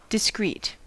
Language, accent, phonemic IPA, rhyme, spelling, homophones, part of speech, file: English, US, /dɪˈskɹiːt/, -iːt, discreet, discrete, adjective, En-us-discreet.ogg
- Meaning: 1. Respectful of privacy or secrecy; exercising caution in order to avoid causing embarrassment; quiet; diplomatic 2. Not drawing attention, anger or challenge; inconspicuous